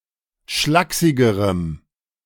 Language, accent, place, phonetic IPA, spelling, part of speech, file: German, Germany, Berlin, [ˈʃlaːksɪɡəʁəm], schlaksigerem, adjective, De-schlaksigerem.ogg
- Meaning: strong dative masculine/neuter singular comparative degree of schlaksig